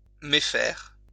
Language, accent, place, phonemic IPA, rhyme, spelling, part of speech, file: French, France, Lyon, /me.fɛʁ/, -ɛʁ, méfaire, verb, LL-Q150 (fra)-méfaire.wav
- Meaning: to do wrong; to do something immoral